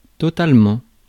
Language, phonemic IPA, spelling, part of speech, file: French, /tɔ.tal.mɑ̃/, totalement, adverb, Fr-totalement.ogg
- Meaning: totally